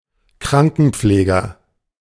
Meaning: nurse (male or of unspecified gender) (person who cares for the ill)
- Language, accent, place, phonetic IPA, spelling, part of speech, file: German, Germany, Berlin, [ˈkʁaŋkn̩ˌpfleːɡɐ], Krankenpfleger, noun, De-Krankenpfleger.ogg